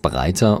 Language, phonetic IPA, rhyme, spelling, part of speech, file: German, [ˈbʁaɪ̯tɐ], -aɪ̯tɐ, breiter, adjective, De-breiter.ogg
- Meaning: 1. comparative degree of breit 2. inflection of breit: strong/mixed nominative masculine singular 3. inflection of breit: strong genitive/dative feminine singular